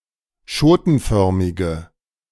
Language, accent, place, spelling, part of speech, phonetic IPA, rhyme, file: German, Germany, Berlin, schotenförmige, adjective, [ˈʃoːtn̩ˌfœʁmɪɡə], -oːtn̩fœʁmɪɡə, De-schotenförmige.ogg
- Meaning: inflection of schotenförmig: 1. strong/mixed nominative/accusative feminine singular 2. strong nominative/accusative plural 3. weak nominative all-gender singular